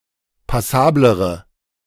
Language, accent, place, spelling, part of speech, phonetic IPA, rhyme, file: German, Germany, Berlin, passablere, adjective, [paˈsaːbləʁə], -aːbləʁə, De-passablere.ogg
- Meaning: inflection of passabel: 1. strong/mixed nominative/accusative feminine singular comparative degree 2. strong nominative/accusative plural comparative degree